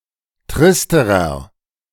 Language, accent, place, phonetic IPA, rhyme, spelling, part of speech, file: German, Germany, Berlin, [ˈtʁɪstəʁɐ], -ɪstəʁɐ, tristerer, adjective, De-tristerer.ogg
- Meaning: inflection of trist: 1. strong/mixed nominative masculine singular comparative degree 2. strong genitive/dative feminine singular comparative degree 3. strong genitive plural comparative degree